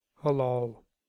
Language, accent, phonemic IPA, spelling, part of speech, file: English, US, /həˈlɑːl/, halal, adjective / adverb / verb, En-us-halal.ogg
- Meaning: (adjective) 1. Allowable, according to Muslim religious customs, to have or do 2. Allowable, according to Muslim religious customs, to have or do.: Fit to eat according to Muslim religious customs